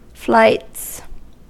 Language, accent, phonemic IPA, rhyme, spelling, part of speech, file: English, US, /flaɪts/, -aɪts, flights, noun / verb, En-us-flights.ogg
- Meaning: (noun) plural of flight; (verb) third-person singular simple present indicative of flight